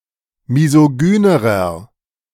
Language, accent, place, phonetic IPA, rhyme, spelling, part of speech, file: German, Germany, Berlin, [mizoˈɡyːnəʁɐ], -yːnəʁɐ, misogynerer, adjective, De-misogynerer.ogg
- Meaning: inflection of misogyn: 1. strong/mixed nominative masculine singular comparative degree 2. strong genitive/dative feminine singular comparative degree 3. strong genitive plural comparative degree